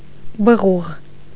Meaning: an earthenware jar for holding pickles, oil, milk, matzoon, etc
- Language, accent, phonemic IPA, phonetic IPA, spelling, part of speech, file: Armenian, Eastern Armenian, /bəˈʁuʁ/, [bəʁúʁ], բղուղ, noun, Hy-բղուղ.ogg